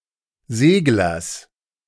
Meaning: genitive singular of Segler
- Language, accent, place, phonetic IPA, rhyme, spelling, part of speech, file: German, Germany, Berlin, [ˈzeːɡlɐs], -eːɡlɐs, Seglers, noun, De-Seglers.ogg